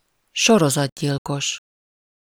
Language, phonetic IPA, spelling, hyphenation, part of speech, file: Hungarian, [ˈʃorozɒdɟilkoʃ], sorozatgyilkos, so‧ro‧zat‧gyil‧kos, noun, Hu-sorozatgyilkos.ogg
- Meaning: serial killer